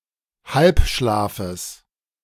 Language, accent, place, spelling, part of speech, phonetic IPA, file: German, Germany, Berlin, Halbschlafes, noun, [ˈhalpˌʃlaːfəs], De-Halbschlafes.ogg
- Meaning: genitive singular of Halbschlaf